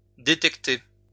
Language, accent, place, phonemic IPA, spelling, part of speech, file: French, France, Lyon, /de.tɛk.te/, détecter, verb, LL-Q150 (fra)-détecter.wav
- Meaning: 1. to detect 2. to discover, to uncover